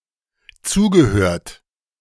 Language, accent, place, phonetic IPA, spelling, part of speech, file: German, Germany, Berlin, [ˈt͡suːɡəˌhøːɐ̯t], zugehört, verb, De-zugehört.ogg
- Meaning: past participle of zuhören